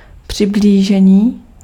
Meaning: 1. verbal noun of přiblížit 2. approximation
- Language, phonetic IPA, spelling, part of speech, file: Czech, [ˈpr̝̊ɪbliːʒɛɲiː], přiblížení, noun, Cs-přiblížení.ogg